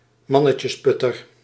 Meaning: a strong, tough man
- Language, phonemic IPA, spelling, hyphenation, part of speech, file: Dutch, /ˈmɑ.nə.tjəsˌpʏ.tər/, mannetjesputter, man‧ne‧tjes‧put‧ter, noun, Nl-mannetjesputter.ogg